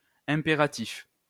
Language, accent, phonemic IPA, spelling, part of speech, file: French, France, /ɛ̃.pe.ʁa.tif/, impératif, adjective / noun, LL-Q150 (fra)-impératif.wav
- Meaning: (adjective) imperative